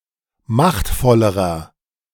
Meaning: inflection of machtvoll: 1. strong/mixed nominative masculine singular comparative degree 2. strong genitive/dative feminine singular comparative degree 3. strong genitive plural comparative degree
- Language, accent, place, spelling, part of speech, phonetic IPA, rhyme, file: German, Germany, Berlin, machtvollerer, adjective, [ˈmaxtfɔləʁɐ], -axtfɔləʁɐ, De-machtvollerer.ogg